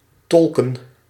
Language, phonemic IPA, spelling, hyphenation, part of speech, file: Dutch, /ˈtɔl.kə(n)/, tolken, tol‧ken, verb / noun, Nl-tolken.ogg
- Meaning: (verb) to interpret (to translate orally); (noun) plural of tolk